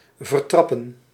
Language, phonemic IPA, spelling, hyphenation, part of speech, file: Dutch, /vərˈtrɑpə(n)/, vertrappen, ver‧trap‧pen, verb, Nl-vertrappen.ogg
- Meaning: 1. to tread, to trample 2. to humiliate